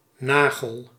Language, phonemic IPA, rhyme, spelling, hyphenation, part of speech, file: Dutch, /ˈnaː.ɣəl/, -aːɣəl, nagel, na‧gel, noun, Nl-nagel.ogg
- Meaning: 1. a nail (on the fingers or toes) 2. a nail, a spike-shaped, usually metal fastener used for joining wood or similar materials